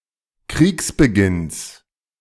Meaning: genitive of Kriegsbeginn
- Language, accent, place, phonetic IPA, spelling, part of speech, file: German, Germany, Berlin, [ˈkʁiːksbəˌɡɪns], Kriegsbeginns, noun, De-Kriegsbeginns.ogg